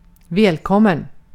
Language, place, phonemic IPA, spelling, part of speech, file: Swedish, Gotland, /²vɛːlˌkɔmːɛn/, välkommen, adjective / interjection / noun, Sv-välkommen.ogg
- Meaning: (adjective) welcome; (interjection) welcome!; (noun) a welcome